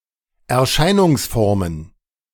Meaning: plural of Erscheinungsform
- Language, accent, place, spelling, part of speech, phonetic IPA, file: German, Germany, Berlin, Erscheinungsformen, noun, [ɛɐ̯ˈʃaɪ̯nʊŋsˌfɔʁmən], De-Erscheinungsformen.ogg